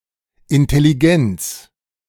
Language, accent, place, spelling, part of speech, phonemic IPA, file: German, Germany, Berlin, Intelligenz, noun, /ɪntɛliˈɡɛnt͡s/, De-Intelligenz.ogg
- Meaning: intelligence (capacity of mind)